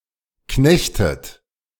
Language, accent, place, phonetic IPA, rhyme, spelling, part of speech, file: German, Germany, Berlin, [ˈknɛçtət], -ɛçtət, knechtet, verb, De-knechtet.ogg
- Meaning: inflection of knechten: 1. second-person plural present 2. second-person plural subjunctive I 3. third-person singular present 4. plural imperative